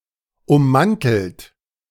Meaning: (verb) past participle of ummanteln; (adjective) 1. encased, encapsulated 2. jacketed, shrouded, coated
- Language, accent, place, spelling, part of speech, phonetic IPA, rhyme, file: German, Germany, Berlin, ummantelt, verb, [ʊmˈmantl̩t], -antl̩t, De-ummantelt.ogg